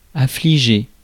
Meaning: past participle of affliger
- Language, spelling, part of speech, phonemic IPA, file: French, affligé, verb, /a.fli.ʒe/, Fr-affligé.ogg